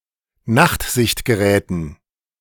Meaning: dative plural of Nachtsichtgerät
- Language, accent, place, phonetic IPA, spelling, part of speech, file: German, Germany, Berlin, [ˈnaxtzɪçtɡəˌʁɛːtn̩], Nachtsichtgeräten, noun, De-Nachtsichtgeräten.ogg